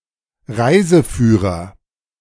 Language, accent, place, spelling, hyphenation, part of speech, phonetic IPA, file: German, Germany, Berlin, Reiseführer, Rei‧se‧füh‧rer, noun, [ˈʁaɪ̯zəˌfyːʁɐ], De-Reiseführer.ogg
- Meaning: 1. tourist guide, tour guide 2. travel guide